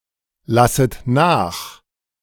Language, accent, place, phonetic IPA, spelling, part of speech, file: German, Germany, Berlin, [ˌlasət ˈnaːx], lasset nach, verb, De-lasset nach.ogg
- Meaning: second-person plural subjunctive I of nachlassen